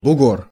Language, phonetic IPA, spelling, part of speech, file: Russian, [bʊˈɡor], бугор, noun, Ru-бугор.ogg
- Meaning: 1. hill, hillock, knoll 2. bump (protuberance) 3. big cheese, boss